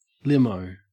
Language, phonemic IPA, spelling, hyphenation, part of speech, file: English, /ˈlɪm.əʉ̯/, limo, lim‧o, noun, En-au-limo.ogg
- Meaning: Clipping of limousine